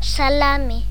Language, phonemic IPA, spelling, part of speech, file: Galician, /saˈla.me/, salame, noun, Gl-salame.ogg
- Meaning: salami